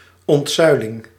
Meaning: depillarisation, the decline of pillars as a form of societal organisation
- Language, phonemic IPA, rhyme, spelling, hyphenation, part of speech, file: Dutch, /ˌɔntˈsœy̯.lɪŋ/, -œy̯lɪŋ, ontzuiling, ont‧zui‧ling, noun, Nl-ontzuiling.ogg